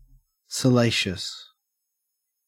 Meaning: 1. Promoting sexual desire or lust 2. Lascivious, bawdy, obscene, lewd
- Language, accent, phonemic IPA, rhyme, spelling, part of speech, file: English, Australia, /səˈleɪ.ʃəs/, -eɪʃəs, salacious, adjective, En-au-salacious.ogg